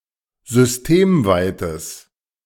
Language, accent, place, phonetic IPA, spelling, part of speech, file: German, Germany, Berlin, [zʏsˈteːmˌvaɪ̯təs], systemweites, adjective, De-systemweites.ogg
- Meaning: strong/mixed nominative/accusative neuter singular of systemweit